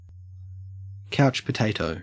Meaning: A person who spends a lot of time sitting or lying down, often watching television, eating snacks or drinking alcohol
- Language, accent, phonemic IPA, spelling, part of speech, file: English, Australia, /ˈkæɔtʃ pəˌtæɪtəʉ/, couch potato, noun, En-au-couch potato.ogg